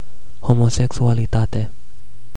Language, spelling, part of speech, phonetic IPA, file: Romanian, homosexualitate, noun, [homoseksualiˈtate], Ro-homosexualitate.ogg
- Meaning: homosexuality